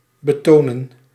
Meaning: 1. to show 2. to emphasize, to accent
- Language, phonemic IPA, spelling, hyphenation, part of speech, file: Dutch, /bəˈtoːnə(n)/, betonen, be‧to‧nen, verb, Nl-betonen.ogg